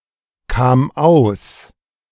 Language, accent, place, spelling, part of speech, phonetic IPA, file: German, Germany, Berlin, kam aus, verb, [ˌkaːm ˈaʊ̯s], De-kam aus.ogg
- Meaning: first/third-person singular preterite of auskommen